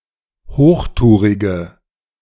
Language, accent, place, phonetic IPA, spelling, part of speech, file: German, Germany, Berlin, [ˈhoːxˌtuːʁɪɡə], hochtourige, adjective, De-hochtourige.ogg
- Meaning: inflection of hochtourig: 1. strong/mixed nominative/accusative feminine singular 2. strong nominative/accusative plural 3. weak nominative all-gender singular